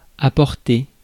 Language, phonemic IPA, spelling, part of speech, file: French, /a.pɔʁ.te/, apporter, verb, Fr-apporter.ogg
- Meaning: 1. to bring (something) 2. to take 3. to give (support), to give, supply (explanation etc.) 4. to bring (improvement, freedom etc.) 5. to bring in (funding) 6. to bring about (change, revolution)